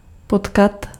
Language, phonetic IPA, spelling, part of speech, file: Czech, [ˈpotkat], potkat, verb, Cs-potkat.ogg
- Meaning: 1. to meet, encounter [with accusative ‘’] (certainly unintentionally) 2. to meet, to encounter (likely unintentionally)